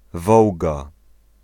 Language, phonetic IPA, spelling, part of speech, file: Polish, [ˈvɔwɡa], Wołga, proper noun, Pl-Wołga.ogg